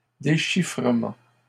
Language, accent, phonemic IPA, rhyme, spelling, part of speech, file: French, Canada, /de.ʃi.fʁə.mɑ̃/, -ɑ̃, déchiffrement, noun, LL-Q150 (fra)-déchiffrement.wav
- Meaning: action of deciphering